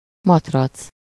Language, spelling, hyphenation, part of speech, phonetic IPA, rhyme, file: Hungarian, matrac, mat‧rac, noun, [ˈmɒtrɒt͡s], -ɒt͡s, Hu-matrac.ogg
- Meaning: 1. mattress 2. ellipsis of gumimatrac (“lilo, [inflatable] air mattress”)